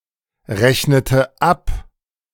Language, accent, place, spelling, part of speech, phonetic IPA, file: German, Germany, Berlin, rechnete ab, verb, [ˌʁɛçnətə ˈap], De-rechnete ab.ogg
- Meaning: inflection of abrechnen: 1. first/third-person singular preterite 2. first/third-person singular subjunctive II